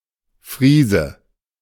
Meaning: 1. Frisian (person from Friesland, male or of unspecified gender) 2. Frisian (horse) 3. Friesian horse, Frisian horse (refers to both the breed, and an individual member of the breed)
- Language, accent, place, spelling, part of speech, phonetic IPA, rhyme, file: German, Germany, Berlin, Friese, noun, [ˈfʁiːzə], -iːzə, De-Friese.ogg